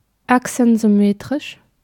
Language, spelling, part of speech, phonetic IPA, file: German, achsensymmetrisch, adjective, [ˈaksn̩zʏˌmeːtʁɪʃ], De-achsensymmetrisch.ogg
- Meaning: axisymmetric